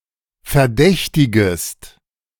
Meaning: second-person singular subjunctive I of verdächtigen
- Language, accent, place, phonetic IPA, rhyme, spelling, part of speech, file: German, Germany, Berlin, [fɛɐ̯ˈdɛçtɪɡəst], -ɛçtɪɡəst, verdächtigest, verb, De-verdächtigest.ogg